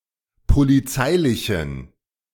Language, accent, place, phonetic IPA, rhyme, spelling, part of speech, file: German, Germany, Berlin, [poliˈt͡saɪ̯lɪçn̩], -aɪ̯lɪçn̩, polizeilichen, adjective, De-polizeilichen.ogg
- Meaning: inflection of polizeilich: 1. strong genitive masculine/neuter singular 2. weak/mixed genitive/dative all-gender singular 3. strong/weak/mixed accusative masculine singular 4. strong dative plural